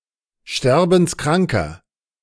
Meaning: inflection of sterbenskrank: 1. strong/mixed nominative masculine singular 2. strong genitive/dative feminine singular 3. strong genitive plural
- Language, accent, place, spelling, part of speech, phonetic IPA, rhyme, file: German, Germany, Berlin, sterbenskranker, adjective, [ˈʃtɛʁbn̩sˈkʁaŋkɐ], -aŋkɐ, De-sterbenskranker.ogg